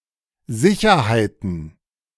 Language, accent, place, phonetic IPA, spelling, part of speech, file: German, Germany, Berlin, [ˈzɪçɐhaɪ̯tn̩], Sicherheiten, noun, De-Sicherheiten.ogg
- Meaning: plural of Sicherheit